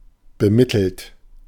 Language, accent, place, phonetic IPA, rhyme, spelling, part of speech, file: German, Germany, Berlin, [bəˈmɪtl̩t], -ɪtl̩t, bemittelt, adjective / verb, De-bemittelt.ogg
- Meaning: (verb) past participle of bemitteln; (adjective) well-off, well-to-do